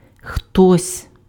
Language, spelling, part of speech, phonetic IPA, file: Ukrainian, хтось, pronoun, [xtɔsʲ], Uk-хтось.ogg
- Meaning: somebody, someone (or other)